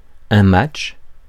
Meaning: match, game
- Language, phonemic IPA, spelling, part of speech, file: French, /matʃ/, match, noun, Fr-match.ogg